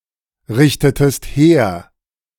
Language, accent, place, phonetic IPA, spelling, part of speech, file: German, Germany, Berlin, [ˌʁɪçtətəst ˈheːɐ̯], richtetest her, verb, De-richtetest her.ogg
- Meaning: inflection of herrichten: 1. second-person singular preterite 2. second-person singular subjunctive II